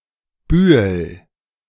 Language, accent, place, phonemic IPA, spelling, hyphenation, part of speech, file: German, Germany, Berlin, /ˈbyːəl/, Bühel, Bü‧hel, noun, De-Bühel.ogg
- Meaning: hill